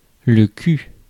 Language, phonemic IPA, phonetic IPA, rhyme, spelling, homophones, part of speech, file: French, /ky/, [t͡ʃy], -y, cul, culs / cu / cus / ku / kus / qu / qus, noun, Fr-cul.ogg
- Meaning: 1. butt, bum, ass, arse 2. anus, arsehole, asshole 3. the bottom, rear (of an object) 4. sex (sexual intercourse) 5. good luck or good fortune 6. roach (the butt of a marijuana cigarette)